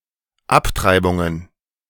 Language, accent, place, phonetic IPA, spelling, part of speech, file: German, Germany, Berlin, [ˈapˌtʁaɪ̯bʊŋən], Abtreibungen, noun, De-Abtreibungen.ogg
- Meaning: plural of Abtreibung